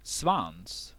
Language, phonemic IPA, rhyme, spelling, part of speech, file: Swedish, /svans/, -ans, svans, noun, Sv-svans.ogg
- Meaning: tail: 1. The caudal appendage of an animal that is attached to its posterior and near the anus 2. The visible stream of dust and gases blown from a comet by the solar wind